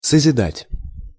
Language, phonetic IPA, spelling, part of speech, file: Russian, [səzʲɪˈdatʲ], созидать, verb, Ru-созидать.ogg
- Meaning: 1. to create 2. to build, to erect